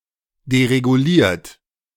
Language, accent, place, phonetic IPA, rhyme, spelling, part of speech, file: German, Germany, Berlin, [deʁeɡuˈliːɐ̯t], -iːɐ̯t, dereguliert, verb, De-dereguliert.ogg
- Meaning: 1. past participle of deregulieren 2. inflection of deregulieren: third-person singular present 3. inflection of deregulieren: second-person plural present